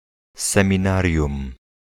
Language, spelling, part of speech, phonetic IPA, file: Polish, seminarium, noun, [ˌsɛ̃mʲĩˈnarʲjũm], Pl-seminarium.ogg